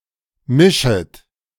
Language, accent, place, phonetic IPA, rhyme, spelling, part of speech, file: German, Germany, Berlin, [ˈmɪʃət], -ɪʃət, mischet, verb, De-mischet.ogg
- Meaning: second-person plural subjunctive I of mischen